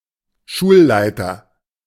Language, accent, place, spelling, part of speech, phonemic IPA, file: German, Germany, Berlin, Schulleiter, noun, /ˈʃuː(l)ˌlaɪ̯tər/, De-Schulleiter.ogg
- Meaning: rector, principal (headmaster of an educational institution)